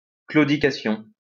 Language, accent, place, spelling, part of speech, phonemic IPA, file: French, France, Lyon, claudication, noun, /klo.di.ka.sjɔ̃/, LL-Q150 (fra)-claudication.wav
- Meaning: limp, lameness